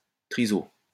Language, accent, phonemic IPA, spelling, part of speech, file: French, France, /tʁi.zo/, triso, noun, LL-Q150 (fra)-triso.wav
- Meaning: retard